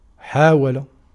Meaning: 1. to try 2. to seek
- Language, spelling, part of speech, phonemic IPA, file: Arabic, حاول, verb, /ħaː.wa.la/, Ar-حاول.ogg